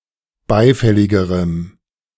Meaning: strong dative masculine/neuter singular comparative degree of beifällig
- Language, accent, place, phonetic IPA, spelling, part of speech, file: German, Germany, Berlin, [ˈbaɪ̯ˌfɛlɪɡəʁəm], beifälligerem, adjective, De-beifälligerem.ogg